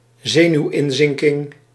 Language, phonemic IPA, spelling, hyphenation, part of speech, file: Dutch, /ˈzeː.nyu̯ˌɪn.zɪŋ.tɪŋ/, zenuwinzinking, ze‧nuw‧in‧zin‧king, noun, Nl-zenuwinzinking.ogg
- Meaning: a nervous breakdown, a mental collapse